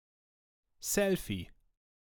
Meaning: selfie
- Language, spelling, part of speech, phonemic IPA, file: German, Selfie, noun, /ˈsɛlfi/, De-Selfie.ogg